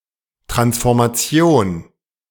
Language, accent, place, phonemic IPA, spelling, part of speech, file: German, Germany, Berlin, /tʁansfɔʁmaˈt͡si̯oːn/, Transformation, noun, De-Transformation.ogg
- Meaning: transformation